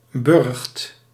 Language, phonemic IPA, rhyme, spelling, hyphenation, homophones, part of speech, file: Dutch, /bʏrxt/, -ʏrxt, burcht, burcht, Burgt, noun, Nl-burcht.ogg
- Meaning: 1. citadel, castle, borough 2. burrow of a badger, fox or beaver